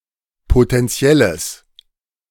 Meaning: strong/mixed nominative/accusative neuter singular of potentiell
- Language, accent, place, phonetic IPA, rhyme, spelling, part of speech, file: German, Germany, Berlin, [potɛnˈt͡si̯ɛləs], -ɛləs, potentielles, adjective, De-potentielles.ogg